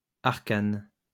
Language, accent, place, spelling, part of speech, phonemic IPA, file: French, France, Lyon, arcane, adjective / noun, /aʁ.kan/, LL-Q150 (fra)-arcane.wav
- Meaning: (adjective) arcane, secret, mysterious; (noun) mysteries, arcanum